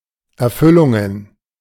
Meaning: plural of Erfüllung
- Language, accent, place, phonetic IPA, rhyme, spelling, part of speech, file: German, Germany, Berlin, [ɛɐ̯ˈfʏlʊŋən], -ʏlʊŋən, Erfüllungen, noun, De-Erfüllungen.ogg